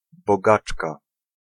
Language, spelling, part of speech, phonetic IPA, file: Polish, bogaczka, noun, [bɔˈɡat͡ʃka], Pl-bogaczka.ogg